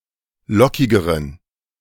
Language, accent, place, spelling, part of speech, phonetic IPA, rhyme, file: German, Germany, Berlin, lockigeren, adjective, [ˈlɔkɪɡəʁən], -ɔkɪɡəʁən, De-lockigeren.ogg
- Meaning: inflection of lockig: 1. strong genitive masculine/neuter singular comparative degree 2. weak/mixed genitive/dative all-gender singular comparative degree